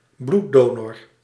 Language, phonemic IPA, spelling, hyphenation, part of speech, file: Dutch, /ˈblu(t)ˌdoː.nɔr/, bloeddonor, bloed‧do‧nor, noun, Nl-bloeddonor.ogg
- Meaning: a blood donor